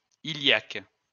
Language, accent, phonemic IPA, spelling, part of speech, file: French, France, /i.ljak/, iliaque, adjective, LL-Q150 (fra)-iliaque.wav
- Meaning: iliac